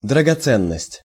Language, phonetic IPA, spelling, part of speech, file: Russian, [drəɡɐˈt͡sɛnːəsʲtʲ], драгоценность, noun, Ru-драгоценность.ogg
- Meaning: 1. gem, jewel; (plural) jewelry 2. precious thing / possession; (plural) valuables